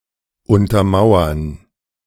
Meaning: 1. to underpin 2. to underpin, to corroborate
- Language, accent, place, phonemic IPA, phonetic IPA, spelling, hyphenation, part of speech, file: German, Germany, Berlin, /ˌʊntɐˈmaʊ̯ɐn/, [ˌʊntɐˈmaʊ̯ɐn], untermauern, un‧ter‧mau‧ern, verb, De-untermauern.ogg